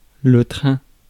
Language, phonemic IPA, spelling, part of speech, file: French, /tʁɛ̃/, train, noun, Fr-train.ogg
- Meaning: 1. train (rail mounted vehicle) 2. pace 3. noise